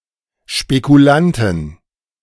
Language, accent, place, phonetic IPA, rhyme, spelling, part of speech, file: German, Germany, Berlin, [ʃpekuˈlantn̩], -antn̩, Spekulanten, noun, De-Spekulanten.ogg
- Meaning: 1. genitive singular of Spekulant 2. plural of Spekulant